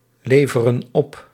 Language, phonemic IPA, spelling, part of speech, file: Dutch, /ˈlevərə(n) ˈɔp/, leveren op, verb, Nl-leveren op.ogg
- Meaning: inflection of opleveren: 1. plural present indicative 2. plural present subjunctive